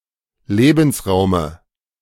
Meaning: dative singular of Lebensraum
- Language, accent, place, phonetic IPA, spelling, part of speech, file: German, Germany, Berlin, [ˈleːbn̩sˌʁaʊ̯mə], Lebensraume, noun, De-Lebensraume.ogg